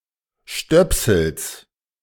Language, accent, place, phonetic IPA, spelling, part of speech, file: German, Germany, Berlin, [ˈʃtœpsl̩s], Stöpsels, noun, De-Stöpsels.ogg
- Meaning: genitive singular of Stöpsel